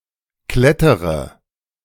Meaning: inflection of klettern: 1. first-person singular present 2. first/third-person singular subjunctive I 3. singular imperative
- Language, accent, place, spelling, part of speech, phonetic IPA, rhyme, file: German, Germany, Berlin, klettere, verb, [ˈklɛtəʁə], -ɛtəʁə, De-klettere.ogg